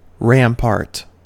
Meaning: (noun) A defensive mound of earth or a wall with a broad top and usually a stone parapet; a wall-like ridge of earth, stones or debris; an embankment for defensive purpose
- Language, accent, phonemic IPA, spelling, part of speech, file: English, US, /ˈɹæm.pɑː(ɹ)t/, rampart, noun / verb, En-us-rampart.ogg